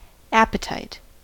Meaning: 1. A desire to eat food or consume drinks 2. Any strong desire; an eagerness or longing 3. The desire for some personal gratification, either of the body or of the mind
- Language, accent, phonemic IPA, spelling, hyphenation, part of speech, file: English, General American, /ˈæp.əˌtaɪt/, appetite, ap‧pe‧tite, noun, En-us-appetite.ogg